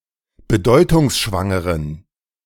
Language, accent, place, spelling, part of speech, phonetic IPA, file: German, Germany, Berlin, bedeutungsschwangeren, adjective, [bəˈdɔɪ̯tʊŋsʃvaŋəʁən], De-bedeutungsschwangeren.ogg
- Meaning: inflection of bedeutungsschwanger: 1. strong genitive masculine/neuter singular 2. weak/mixed genitive/dative all-gender singular 3. strong/weak/mixed accusative masculine singular